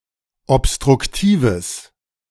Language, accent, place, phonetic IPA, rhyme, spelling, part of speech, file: German, Germany, Berlin, [ɔpstʁʊkˈtiːvəs], -iːvəs, obstruktives, adjective, De-obstruktives.ogg
- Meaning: strong/mixed nominative/accusative neuter singular of obstruktiv